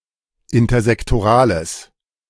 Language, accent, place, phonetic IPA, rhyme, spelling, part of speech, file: German, Germany, Berlin, [ɪntɐzɛktoˈʁaːləs], -aːləs, intersektorales, adjective, De-intersektorales.ogg
- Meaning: strong/mixed nominative/accusative neuter singular of intersektoral